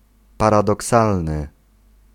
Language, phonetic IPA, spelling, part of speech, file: Polish, [ˌparadɔˈksalnɨ], paradoksalny, adjective, Pl-paradoksalny.ogg